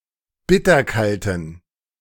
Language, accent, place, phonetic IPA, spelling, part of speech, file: German, Germany, Berlin, [ˈbɪtɐˌkaltn̩], bitterkalten, adjective, De-bitterkalten.ogg
- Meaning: inflection of bitterkalt: 1. strong genitive masculine/neuter singular 2. weak/mixed genitive/dative all-gender singular 3. strong/weak/mixed accusative masculine singular 4. strong dative plural